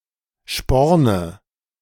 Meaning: nominative/accusative/genitive plural of Sporn
- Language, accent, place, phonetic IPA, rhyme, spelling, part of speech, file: German, Germany, Berlin, [ˈʃpɔʁnə], -ɔʁnə, Sporne, noun, De-Sporne.ogg